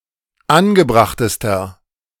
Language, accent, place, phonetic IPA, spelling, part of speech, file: German, Germany, Berlin, [ˈanɡəˌbʁaxtəstɐ], angebrachtester, adjective, De-angebrachtester.ogg
- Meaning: inflection of angebracht: 1. strong/mixed nominative masculine singular superlative degree 2. strong genitive/dative feminine singular superlative degree 3. strong genitive plural superlative degree